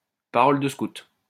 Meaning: pinky swear, pinky promise, cross my heart, Scout's honor
- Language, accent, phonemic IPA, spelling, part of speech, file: French, France, /pa.ʁɔl də skut/, parole de scout, interjection, LL-Q150 (fra)-parole de scout.wav